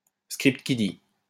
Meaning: script kiddie
- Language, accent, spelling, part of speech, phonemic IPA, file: French, France, script kiddie, noun, /skʁipt ki.di/, LL-Q150 (fra)-script kiddie.wav